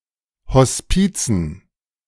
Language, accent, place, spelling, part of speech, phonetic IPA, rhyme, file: German, Germany, Berlin, Hospizen, noun, [hɔsˈpiːt͡sn̩], -iːt͡sn̩, De-Hospizen.ogg
- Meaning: dative plural of Hospiz